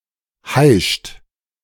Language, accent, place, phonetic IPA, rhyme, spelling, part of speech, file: German, Germany, Berlin, [haɪ̯ʃt], -aɪ̯ʃt, heischt, verb, De-heischt.ogg
- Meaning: inflection of heischen: 1. second-person plural present 2. third-person singular present 3. plural imperative